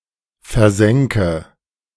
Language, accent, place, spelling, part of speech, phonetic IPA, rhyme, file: German, Germany, Berlin, versänke, verb, [fɛɐ̯ˈzɛŋkə], -ɛŋkə, De-versänke.ogg
- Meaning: first/third-person singular subjunctive II of versinken